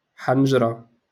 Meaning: throat, larynx
- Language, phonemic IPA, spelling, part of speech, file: Moroccan Arabic, /ħan.ʒra/, حنجرة, noun, LL-Q56426 (ary)-حنجرة.wav